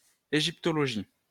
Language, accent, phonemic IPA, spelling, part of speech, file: French, France, /e.ʒip.tɔ.lɔ.ʒi/, égyptologie, noun, LL-Q150 (fra)-égyptologie.wav
- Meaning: Egyptology (the study of ancient Egypt)